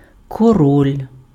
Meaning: king
- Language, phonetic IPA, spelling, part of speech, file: Ukrainian, [kɔˈrɔlʲ], король, noun, Uk-король.ogg